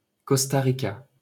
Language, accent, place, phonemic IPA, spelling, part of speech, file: French, France, Paris, /kɔs.ta ʁi.ka/, Costa Rica, proper noun, LL-Q150 (fra)-Costa Rica.wav
- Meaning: Costa Rica (a country in Central America)